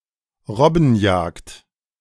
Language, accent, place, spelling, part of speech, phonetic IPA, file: German, Germany, Berlin, Robbenjagd, noun, [ˈʁɔbn̩ˌjaːkt], De-Robbenjagd.ogg
- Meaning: Seal hunting, sealing